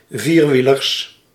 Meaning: plural of vierwieler
- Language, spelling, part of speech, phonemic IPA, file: Dutch, vierwielers, noun, /ˈvirwilərs/, Nl-vierwielers.ogg